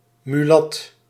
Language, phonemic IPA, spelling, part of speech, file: Dutch, /myˈlɑt/, mulat, noun, Nl-mulat.ogg
- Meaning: mulatto